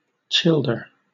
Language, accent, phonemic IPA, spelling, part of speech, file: English, Southern England, /ˈt͡ʃɪldə(ɹ)/, childer, noun, LL-Q1860 (eng)-childer.wav
- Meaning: 1. Plural of child 2. Plural of childe (“self-turned vampire”) 3. A child